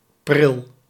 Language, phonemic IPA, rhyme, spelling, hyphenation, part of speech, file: Dutch, /prɪl/, -ɪl, pril, pril, adjective, Nl-pril.ogg
- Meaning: 1. early 2. young, premature 3. premature